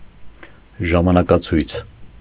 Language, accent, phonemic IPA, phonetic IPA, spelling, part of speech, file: Armenian, Eastern Armenian, /ʒɑmɑnɑkɑˈt͡sʰujt͡sʰ/, [ʒɑmɑnɑkɑt͡sʰújt͡sʰ], ժամանակացույց, noun, Hy-ժամանակացույց.ogg
- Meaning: timetable